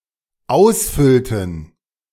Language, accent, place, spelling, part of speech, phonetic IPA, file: German, Germany, Berlin, ausfüllten, verb, [ˈaʊ̯sˌfʏltn̩], De-ausfüllten.ogg
- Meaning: inflection of ausfüllen: 1. first/third-person plural dependent preterite 2. first/third-person plural dependent subjunctive II